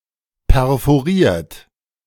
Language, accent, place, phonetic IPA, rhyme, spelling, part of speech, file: German, Germany, Berlin, [pɛʁfoˈʁiːɐ̯t], -iːɐ̯t, perforiert, verb, De-perforiert.ogg
- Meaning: 1. past participle of perforieren 2. inflection of perforieren: third-person singular present 3. inflection of perforieren: second-person plural present 4. inflection of perforieren: plural imperative